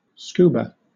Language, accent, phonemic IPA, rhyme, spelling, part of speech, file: English, Southern England, /ˈskuːbə/, -uːbə, scuba, noun / verb, LL-Q1860 (eng)-scuba.wav
- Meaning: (noun) An apparatus carried by a diver, which includes a tank holding compressed, filtered air and a regulator which delivers the air to the diver at ambient pressure which can be used underwater